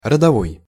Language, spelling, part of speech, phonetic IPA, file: Russian, родовой, adjective, [rədɐˈvoj], Ru-родовой.ogg
- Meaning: 1. ancestral, patrimonial 2. tribal 3. generic 4. gender 5. childbirth, birth